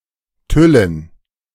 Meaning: dative plural of Tüll
- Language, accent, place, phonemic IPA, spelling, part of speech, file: German, Germany, Berlin, /ˈtʏlən/, Tüllen, noun, De-Tüllen.ogg